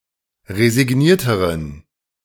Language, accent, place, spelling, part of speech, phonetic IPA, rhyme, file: German, Germany, Berlin, resignierteren, adjective, [ʁezɪˈɡniːɐ̯təʁən], -iːɐ̯təʁən, De-resignierteren.ogg
- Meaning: inflection of resigniert: 1. strong genitive masculine/neuter singular comparative degree 2. weak/mixed genitive/dative all-gender singular comparative degree